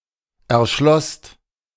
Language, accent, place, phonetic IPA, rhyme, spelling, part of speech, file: German, Germany, Berlin, [ɛɐ̯ˈʃlɔst], -ɔst, erschlosst, verb, De-erschlosst.ogg
- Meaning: second-person singular/plural preterite of erschließen